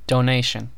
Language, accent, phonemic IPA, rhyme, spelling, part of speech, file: English, US, /doʊˈneɪʃən/, -eɪʃən, donation, noun, En-us-donation.ogg
- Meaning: 1. A voluntary gift or contribution for a specific cause 2. The act of giving or bestowing; a grant